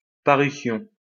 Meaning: 1. apparition 2. creation 3. publication
- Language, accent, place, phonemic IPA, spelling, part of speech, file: French, France, Lyon, /pa.ʁy.sjɔ̃/, parution, noun, LL-Q150 (fra)-parution.wav